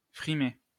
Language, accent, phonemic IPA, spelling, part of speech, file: French, France, /fʁi.me/, frimer, verb, LL-Q150 (fra)-frimer.wav
- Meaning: to show off